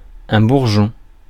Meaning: 1. bud (of plant) 2. pimple
- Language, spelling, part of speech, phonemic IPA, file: French, bourgeon, noun, /buʁ.ʒɔ̃/, Fr-bourgeon.ogg